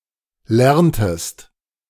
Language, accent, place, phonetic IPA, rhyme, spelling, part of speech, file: German, Germany, Berlin, [ˈlɛʁntəst], -ɛʁntəst, lerntest, verb, De-lerntest.ogg
- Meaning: inflection of lernen: 1. second-person singular preterite 2. second-person singular subjunctive II